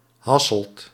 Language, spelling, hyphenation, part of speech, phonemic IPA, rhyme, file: Dutch, Hasselt, Has‧selt, proper noun, /ˈɦɑ.səlt/, -ɑsəlt, Nl-Hasselt.ogg
- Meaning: 1. the capital city of Limburg, Belgium 2. a municipality in the arrondissement of Hasselt in Belgium 3. a city and former municipality of Zwartewaterland, Overijssel, Netherlands